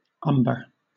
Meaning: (noun) 1. A brown clay, somewhat darker than ochre, which contains iron and manganese oxides 2. Alternative form of umbrere 3. A grayling
- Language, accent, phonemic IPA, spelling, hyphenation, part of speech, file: English, Southern England, /ˈʌmbə/, umber, um‧ber, noun / adjective / verb, LL-Q1860 (eng)-umber.wav